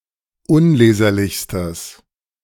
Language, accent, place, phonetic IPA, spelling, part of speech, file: German, Germany, Berlin, [ˈʊnˌleːzɐlɪçstəs], unleserlichstes, adjective, De-unleserlichstes.ogg
- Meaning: strong/mixed nominative/accusative neuter singular superlative degree of unleserlich